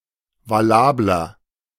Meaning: 1. comparative degree of valabel 2. inflection of valabel: strong/mixed nominative masculine singular 3. inflection of valabel: strong genitive/dative feminine singular
- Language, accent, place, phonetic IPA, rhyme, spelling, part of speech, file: German, Germany, Berlin, [vaˈlaːblɐ], -aːblɐ, valabler, adjective, De-valabler.ogg